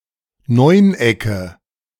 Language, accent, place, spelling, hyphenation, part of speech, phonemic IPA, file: German, Germany, Berlin, Neunecke, Neun‧ecke, noun, /ˈnɔɪ̯nˌ.ɛkə/, De-Neunecke.ogg
- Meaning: nominative/accusative/genitive plural of Neuneck